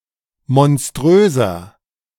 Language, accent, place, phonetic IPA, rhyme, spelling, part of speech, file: German, Germany, Berlin, [mɔnˈstʁøːzɐ], -øːzɐ, monströser, adjective, De-monströser.ogg
- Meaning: 1. comparative degree of monströs 2. inflection of monströs: strong/mixed nominative masculine singular 3. inflection of monströs: strong genitive/dative feminine singular